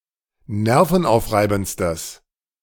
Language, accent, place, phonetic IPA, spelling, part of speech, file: German, Germany, Berlin, [ˈnɛʁfn̩ˌʔaʊ̯fʁaɪ̯bn̩t͡stəs], nervenaufreibendstes, adjective, De-nervenaufreibendstes.ogg
- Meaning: strong/mixed nominative/accusative neuter singular superlative degree of nervenaufreibend